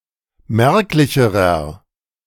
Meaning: inflection of merklich: 1. strong/mixed nominative masculine singular comparative degree 2. strong genitive/dative feminine singular comparative degree 3. strong genitive plural comparative degree
- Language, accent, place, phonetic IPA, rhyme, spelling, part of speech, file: German, Germany, Berlin, [ˈmɛʁklɪçəʁɐ], -ɛʁklɪçəʁɐ, merklicherer, adjective, De-merklicherer.ogg